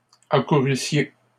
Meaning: second-person plural imperfect subjunctive of accourir
- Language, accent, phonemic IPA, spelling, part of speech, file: French, Canada, /a.ku.ʁy.sje/, accourussiez, verb, LL-Q150 (fra)-accourussiez.wav